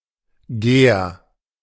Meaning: throwing spear used by Germanic peoples
- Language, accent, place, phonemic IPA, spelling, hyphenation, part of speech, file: German, Germany, Berlin, /ɡeːɐ̯/, Ger, Ger, noun, De-Ger.ogg